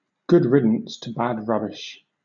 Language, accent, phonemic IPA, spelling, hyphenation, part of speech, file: English, Southern England, /ˌɡʊd ˈɹɪd(ə)ns tə ˌbæd ˈɹʌbɪʃ/, good riddance to bad rubbish, good rid‧dance to bad rub‧bish, interjection / noun, LL-Q1860 (eng)-good riddance to bad rubbish.wav
- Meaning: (interjection) Used to indicate that one welcomes the departure of someone or something: good riddance!; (noun) An act of getting rid of someone or something whose departure is welcomed